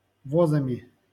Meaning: instrumental plural of воз (voz)
- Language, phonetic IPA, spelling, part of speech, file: Russian, [vɐˈzamʲɪ], возами, noun, LL-Q7737 (rus)-возами.wav